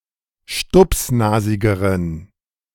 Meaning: inflection of stupsnasig: 1. strong genitive masculine/neuter singular comparative degree 2. weak/mixed genitive/dative all-gender singular comparative degree
- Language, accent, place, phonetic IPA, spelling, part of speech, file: German, Germany, Berlin, [ˈʃtʊpsˌnaːzɪɡəʁən], stupsnasigeren, adjective, De-stupsnasigeren.ogg